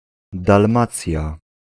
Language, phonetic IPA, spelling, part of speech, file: Polish, [dalˈmat͡sʲja], Dalmacja, proper noun, Pl-Dalmacja.ogg